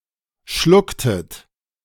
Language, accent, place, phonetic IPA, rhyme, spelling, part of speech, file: German, Germany, Berlin, [ˈʃlʊktət], -ʊktət, schlucktet, verb, De-schlucktet.ogg
- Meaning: inflection of schlucken: 1. second-person plural preterite 2. second-person plural subjunctive II